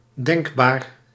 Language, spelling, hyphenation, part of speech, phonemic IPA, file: Dutch, denkbaar, denk‧baar, adjective, /ˈdɛŋk.baːr/, Nl-denkbaar.ogg
- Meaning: conceivable, thinkable